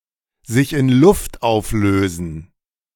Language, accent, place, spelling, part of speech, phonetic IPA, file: German, Germany, Berlin, sich in Luft auflösen, verb, [zɪç ɪn lʊft ˈaʊ̯fløːzn̩], De-sich in Luft auflösen.ogg
- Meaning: to vanish into thin air